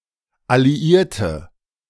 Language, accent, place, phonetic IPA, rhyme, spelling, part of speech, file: German, Germany, Berlin, [aliˈiːɐ̯tə], -iːɐ̯tə, alliierte, adjective, De-alliierte.ogg
- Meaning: inflection of alliiert: 1. strong/mixed nominative/accusative feminine singular 2. strong nominative/accusative plural 3. weak nominative all-gender singular